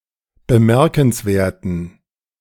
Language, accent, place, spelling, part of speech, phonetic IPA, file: German, Germany, Berlin, bemerkenswerten, adjective, [bəˈmɛʁkn̩sˌveːɐ̯tn̩], De-bemerkenswerten.ogg
- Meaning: inflection of bemerkenswert: 1. strong genitive masculine/neuter singular 2. weak/mixed genitive/dative all-gender singular 3. strong/weak/mixed accusative masculine singular 4. strong dative plural